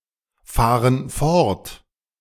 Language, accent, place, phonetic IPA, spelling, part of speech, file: German, Germany, Berlin, [ˌfaːʁən ˈfɔʁt], fahren fort, verb, De-fahren fort.ogg
- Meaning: inflection of fortfahren: 1. first/third-person plural present 2. first/third-person plural subjunctive I